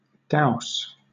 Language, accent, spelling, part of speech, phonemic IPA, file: English, Southern England, dowse, verb / noun, /daʊs/, LL-Q1860 (eng)-dowse.wav
- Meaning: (verb) 1. Alternative form of douse (“to plunge into water”) 2. Alternative form of douse (“to strike”); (noun) Alternative form of douse (“strike”)